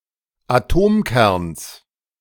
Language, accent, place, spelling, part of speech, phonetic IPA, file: German, Germany, Berlin, Atomkerns, noun, [aˈtoːmˌkɛʁns], De-Atomkerns.ogg
- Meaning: genitive singular of Atomkern